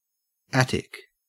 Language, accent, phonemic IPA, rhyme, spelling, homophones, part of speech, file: English, Australia, /ˈætɪk/, -ætɪk, Attic, attic, adjective / proper noun, En-au-Attic.ogg
- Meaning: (adjective) Of or related to Attica, ancient Athens and its hinterland: 1. Synonym of Athenian, of or related to the culture of ancient Athens 2. Of or related to ancient Athenian architecture